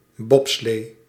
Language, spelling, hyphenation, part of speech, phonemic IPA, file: Dutch, bobslee, bob‧slee, noun, /ˈbɔp.sleː/, Nl-bobslee.ogg
- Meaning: bobsleigh, bobsled, a sled used for the homonymous sport